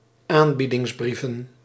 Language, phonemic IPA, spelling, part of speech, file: Dutch, /ˈambidɪŋzˌbrivə(n)/, aanbiedingsbrieven, noun, Nl-aanbiedingsbrieven.ogg
- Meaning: plural of aanbiedingsbrief